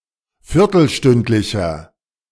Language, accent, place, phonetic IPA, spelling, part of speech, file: German, Germany, Berlin, [ˈfɪʁtl̩ˌʃtʏntlɪçɐ], viertelstündlicher, adjective, De-viertelstündlicher.ogg
- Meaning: inflection of viertelstündlich: 1. strong/mixed nominative masculine singular 2. strong genitive/dative feminine singular 3. strong genitive plural